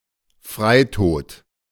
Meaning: suicide
- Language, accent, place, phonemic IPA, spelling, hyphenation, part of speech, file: German, Germany, Berlin, /ˈfʁaɪ̯ˌtoːt/, Freitod, Frei‧tod, noun, De-Freitod.ogg